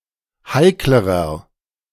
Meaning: inflection of heikel: 1. strong/mixed nominative masculine singular comparative degree 2. strong genitive/dative feminine singular comparative degree 3. strong genitive plural comparative degree
- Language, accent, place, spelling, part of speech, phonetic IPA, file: German, Germany, Berlin, heiklerer, adjective, [ˈhaɪ̯kləʁɐ], De-heiklerer.ogg